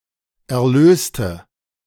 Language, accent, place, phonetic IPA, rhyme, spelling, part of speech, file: German, Germany, Berlin, [ɛɐ̯ˈløːstə], -øːstə, erlöste, adjective / verb, De-erlöste.ogg
- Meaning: inflection of erlösen: 1. first/third-person singular preterite 2. first/third-person singular subjunctive I